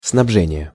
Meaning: supply, provision (act of supplying)
- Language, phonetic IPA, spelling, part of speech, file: Russian, [snɐbˈʐɛnʲɪje], снабжение, noun, Ru-снабжение.ogg